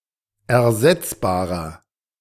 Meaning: 1. comparative degree of ersetzbar 2. inflection of ersetzbar: strong/mixed nominative masculine singular 3. inflection of ersetzbar: strong genitive/dative feminine singular
- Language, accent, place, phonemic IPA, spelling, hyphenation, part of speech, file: German, Germany, Berlin, /ɛɐ̯ˈzɛt͡sbaːʁɐ/, ersetzbarer, er‧setz‧ba‧rer, adjective, De-ersetzbarer.ogg